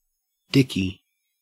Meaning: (noun) 1. A louse 2. Dicky dirt = a shirt, meaning a shirt with a collar 3. A detachable shirt front, collar or bib 4. A hat, especially (in the US) a stiff hat or derby, and (in the UK) a straw hat
- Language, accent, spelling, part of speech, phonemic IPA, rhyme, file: English, Australia, dicky, noun / adjective, /ˈdɪki/, -ɪki, En-au-dicky.ogg